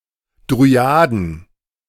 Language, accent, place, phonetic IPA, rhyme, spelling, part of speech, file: German, Germany, Berlin, [dʁyˈaːdn̩], -aːdn̩, Dryaden, noun, De-Dryaden.ogg
- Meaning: plural of Dryade